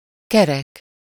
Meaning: 1. round, circular 2. round (convenient for rounding other numbers to; for example, ending in a zero) 3. whole, entire, complete (covering all aspects)
- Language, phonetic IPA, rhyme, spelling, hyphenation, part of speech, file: Hungarian, [ˈkɛrɛk], -ɛk, kerek, ke‧rek, adjective, Hu-kerek.ogg